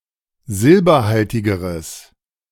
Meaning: strong/mixed nominative/accusative neuter singular comparative degree of silberhaltig
- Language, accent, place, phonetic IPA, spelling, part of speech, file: German, Germany, Berlin, [ˈzɪlbɐˌhaltɪɡəʁəs], silberhaltigeres, adjective, De-silberhaltigeres.ogg